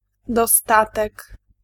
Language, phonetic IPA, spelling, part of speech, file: Polish, [dɔˈstatɛk], dostatek, noun, Pl-dostatek.ogg